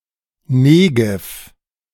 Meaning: Negev (a desert in southern Israel)
- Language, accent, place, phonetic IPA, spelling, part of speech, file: German, Germany, Berlin, [ˈneːɡɛf], Negev, proper noun, De-Negev.ogg